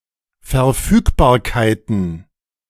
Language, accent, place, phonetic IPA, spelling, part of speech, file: German, Germany, Berlin, [fɛɐ̯ˈfyːkbaːɐ̯kaɪ̯tn̩], Verfügbarkeiten, noun, De-Verfügbarkeiten.ogg
- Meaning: plural of Verfügbarkeit